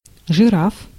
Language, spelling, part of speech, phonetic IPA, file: Russian, жираф, noun, [ʐɨˈraf], Ru-жираф.ogg
- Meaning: 1. giraffe 2. genitive/accusative plural of жира́фа (žiráfa)